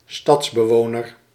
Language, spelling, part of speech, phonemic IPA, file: Dutch, stadsbewoner, noun, /ˈstɑtsbəˌwonər/, Nl-stadsbewoner.ogg
- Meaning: city dweller, inhabitant of a city